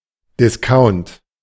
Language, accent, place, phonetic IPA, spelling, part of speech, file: German, Germany, Berlin, [dɪsˈkaʊ̯nt], Discount, noun, De-Discount.ogg
- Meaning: 1. discount (reduction in price) 2. discounter (shop)